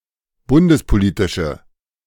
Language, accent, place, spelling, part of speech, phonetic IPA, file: German, Germany, Berlin, bundespolitische, adjective, [ˈbʊndəspoˌliːtɪʃə], De-bundespolitische.ogg
- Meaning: inflection of bundespolitisch: 1. strong/mixed nominative/accusative feminine singular 2. strong nominative/accusative plural 3. weak nominative all-gender singular